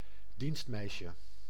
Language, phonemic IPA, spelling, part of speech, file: Dutch, /ˈdinstmɛiʃə/, dienstmeisje, noun, Nl-dienstmeisje.ogg
- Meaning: diminutive of dienstmeid